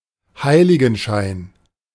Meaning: aureola, aureole
- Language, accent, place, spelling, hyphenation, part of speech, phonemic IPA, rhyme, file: German, Germany, Berlin, Heiligenschein, Hei‧li‧gen‧schein, noun, /ˈhaɪ̯.lɪ.ɡn̩ˌʃaɪ̯n/, -aɪ̯n, De-Heiligenschein.ogg